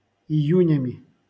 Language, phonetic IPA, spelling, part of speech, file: Russian, [ɪˈjʉnʲəmʲɪ], июнями, noun, LL-Q7737 (rus)-июнями.wav
- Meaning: instrumental plural of ию́нь (ijúnʹ)